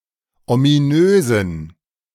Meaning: inflection of ominös: 1. strong genitive masculine/neuter singular 2. weak/mixed genitive/dative all-gender singular 3. strong/weak/mixed accusative masculine singular 4. strong dative plural
- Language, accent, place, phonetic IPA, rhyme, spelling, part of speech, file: German, Germany, Berlin, [omiˈnøːzn̩], -øːzn̩, ominösen, adjective, De-ominösen.ogg